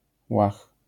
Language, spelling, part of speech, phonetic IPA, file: Polish, łach, noun, [wax], LL-Q809 (pol)-łach.wav